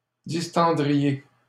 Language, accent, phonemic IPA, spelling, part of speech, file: French, Canada, /dis.tɑ̃.dʁi.je/, distendriez, verb, LL-Q150 (fra)-distendriez.wav
- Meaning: second-person plural conditional of distendre